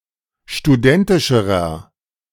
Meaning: inflection of studentisch: 1. strong/mixed nominative masculine singular comparative degree 2. strong genitive/dative feminine singular comparative degree 3. strong genitive plural comparative degree
- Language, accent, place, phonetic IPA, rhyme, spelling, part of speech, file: German, Germany, Berlin, [ʃtuˈdɛntɪʃəʁɐ], -ɛntɪʃəʁɐ, studentischerer, adjective, De-studentischerer.ogg